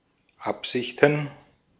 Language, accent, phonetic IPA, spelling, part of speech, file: German, Austria, [ˈapzɪçtn̩], Absichten, noun, De-at-Absichten.ogg
- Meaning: plural of Absicht